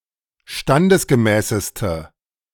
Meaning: inflection of standesgemäß: 1. strong/mixed nominative/accusative feminine singular superlative degree 2. strong nominative/accusative plural superlative degree
- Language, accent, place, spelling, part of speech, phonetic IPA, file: German, Germany, Berlin, standesgemäßeste, adjective, [ˈʃtandəsɡəˌmɛːsəstə], De-standesgemäßeste.ogg